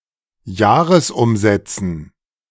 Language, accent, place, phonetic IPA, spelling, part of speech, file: German, Germany, Berlin, [ˈjaːʁəsˌʔʊmzɛt͡sn̩], Jahresumsätzen, noun, De-Jahresumsätzen.ogg
- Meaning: dative plural of Jahresumsatz